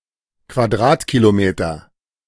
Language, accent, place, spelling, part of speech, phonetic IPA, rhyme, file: German, Germany, Berlin, Quadratkilometer, noun, [kvaˈdʁaːtkiloˌmeːtɐ], -aːtkilomeːtɐ, De-Quadratkilometer.ogg
- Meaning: square kilometer